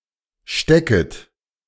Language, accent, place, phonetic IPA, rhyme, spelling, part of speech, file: German, Germany, Berlin, [ˈʃtɛkət], -ɛkət, stecket, verb, De-stecket.ogg
- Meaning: second-person plural subjunctive I of stecken